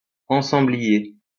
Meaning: 1. interior designer 2. set designer (cinema, TV)
- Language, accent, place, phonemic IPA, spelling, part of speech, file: French, France, Lyon, /ɑ̃.sɑ̃.bli.je/, ensemblier, noun, LL-Q150 (fra)-ensemblier.wav